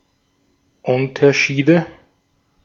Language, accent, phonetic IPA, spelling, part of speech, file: German, Austria, [ˈʊntɐˌʃiːdə], Unterschiede, noun, De-at-Unterschiede.ogg
- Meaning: nominative/accusative/genitive plural of Unterschied